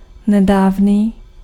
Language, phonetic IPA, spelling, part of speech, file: Czech, [ˈnɛdaːvniː], nedávný, adjective, Cs-nedávný.ogg
- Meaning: recent